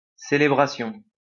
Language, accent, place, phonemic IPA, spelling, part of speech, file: French, France, Lyon, /se.le.bʁa.sjɔ̃/, célébration, noun, LL-Q150 (fra)-célébration.wav
- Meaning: 1. celebration 2. performance, solemnization, observance (of a ritual, holiday, etc.)